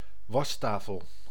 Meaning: washbasin
- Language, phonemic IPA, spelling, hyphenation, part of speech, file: Dutch, /ˈʋɑstaːfəl/, wastafel, was‧ta‧fel, noun, Nl-wastafel.ogg